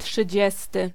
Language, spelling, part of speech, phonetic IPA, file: Polish, trzydziesty, adjective, [ṭʃɨˈd͡ʑɛstɨ], Pl-trzydziesty.ogg